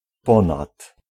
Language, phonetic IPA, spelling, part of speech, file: Polish, [ˈpɔ̃nat], ponad, preposition, Pl-ponad.ogg